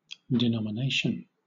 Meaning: 1. The act of naming or designating 2. That by which anything is denominated or styled; an epithet; a name, designation, or title; especially, a general name indicating a class of like individuals
- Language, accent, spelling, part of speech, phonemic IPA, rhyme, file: English, Southern England, denomination, noun, /dɪˌnɒmɪˈneɪʃən/, -eɪʃən, LL-Q1860 (eng)-denomination.wav